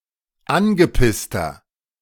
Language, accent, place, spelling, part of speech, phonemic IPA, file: German, Germany, Berlin, angepisster, adjective, /ˈʔanɡəpɪstɐ/, De-angepisster.ogg
- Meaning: 1. comparative degree of angepisst 2. inflection of angepisst: strong/mixed nominative masculine singular 3. inflection of angepisst: strong genitive/dative feminine singular